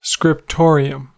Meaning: A room set aside for the copying, writing, or illuminating of manuscripts and records, especially such a room in a monastery
- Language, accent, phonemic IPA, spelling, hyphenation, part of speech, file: English, US, /skɹɪpˈtɔɹ.i.əm/, scriptorium, scrip‧to‧ri‧um, noun, En-us-scriptorium.ogg